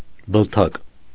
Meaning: 1. earlobe 2. lobe of other organs (e.g. liver, lung) 3. synonym of շաքիլ (šakʻil) 4. trigger of a weapon
- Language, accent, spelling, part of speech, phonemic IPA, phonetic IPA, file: Armenian, Eastern Armenian, բլթակ, noun, /bəlˈtʰɑk/, [bəltʰɑ́k], Hy-բլթակ.ogg